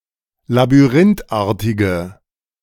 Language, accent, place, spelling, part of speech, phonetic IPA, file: German, Germany, Berlin, labyrinthartige, adjective, [labyˈʁɪntˌʔaːɐ̯tɪɡə], De-labyrinthartige.ogg
- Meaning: inflection of labyrinthartig: 1. strong/mixed nominative/accusative feminine singular 2. strong nominative/accusative plural 3. weak nominative all-gender singular